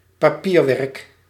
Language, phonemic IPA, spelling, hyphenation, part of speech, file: Dutch, /paːˈpiːrˌʋɛrk/, papierwerk, pa‧pier‧werk, noun, Nl-papierwerk.ogg
- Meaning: paperwork